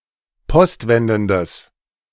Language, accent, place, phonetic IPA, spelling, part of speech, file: German, Germany, Berlin, [ˈpɔstˌvɛndn̩dəs], postwendendes, adjective, De-postwendendes.ogg
- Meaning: strong/mixed nominative/accusative neuter singular of postwendend